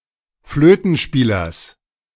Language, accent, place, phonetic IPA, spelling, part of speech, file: German, Germany, Berlin, [ˈfløːtn̩ˌʃpiːlɐs], Flötenspielers, noun, De-Flötenspielers.ogg
- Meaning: genitive of Flötenspieler